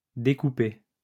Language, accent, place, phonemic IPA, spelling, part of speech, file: French, France, Lyon, /de.ku.pe/, découpé, verb, LL-Q150 (fra)-découpé.wav
- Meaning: past participle of découper